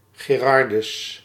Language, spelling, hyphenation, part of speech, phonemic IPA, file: Dutch, Gerardus, Ge‧rar‧dus, proper noun, /ɡeːˈrɑr.dʏs/, Nl-Gerardus.ogg
- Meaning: a male given name similar to Gerard